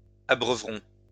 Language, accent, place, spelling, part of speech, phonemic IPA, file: French, France, Lyon, abreuverons, verb, /a.bʁœ.vʁɔ̃/, LL-Q150 (fra)-abreuverons.wav
- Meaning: first-person plural future of abreuver